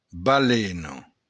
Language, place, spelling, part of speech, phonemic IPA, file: Occitan, Béarn, balena, noun, /baˈleno/, LL-Q14185 (oci)-balena.wav
- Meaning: whale